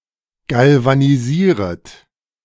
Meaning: second-person plural subjunctive I of galvanisieren
- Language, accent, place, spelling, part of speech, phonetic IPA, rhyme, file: German, Germany, Berlin, galvanisieret, verb, [ˌɡalvaniˈziːʁət], -iːʁət, De-galvanisieret.ogg